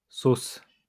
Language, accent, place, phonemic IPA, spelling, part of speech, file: French, France, Lyon, /sos/, sauces, noun, LL-Q150 (fra)-sauces.wav
- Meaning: plural of sauce